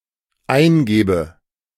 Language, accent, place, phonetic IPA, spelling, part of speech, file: German, Germany, Berlin, [ˈaɪ̯nˌɡeːbə], eingebe, verb, De-eingebe.ogg
- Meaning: inflection of eingeben: 1. first-person singular dependent present 2. first/third-person singular dependent subjunctive I